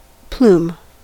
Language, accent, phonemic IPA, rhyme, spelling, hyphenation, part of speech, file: English, General American, /ˈplum/, -uːm, plume, plume, noun / verb, En-us-plume.ogg
- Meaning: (noun) 1. A feather of a bird, especially a large or showy one used as a decoration 2. A cluster of feathers worn as an ornament, especially on a helmet; a hackle